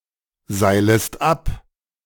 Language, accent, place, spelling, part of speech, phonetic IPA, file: German, Germany, Berlin, seilest ab, verb, [ˌzaɪ̯ləst ˈap], De-seilest ab.ogg
- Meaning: second-person singular subjunctive I of abseilen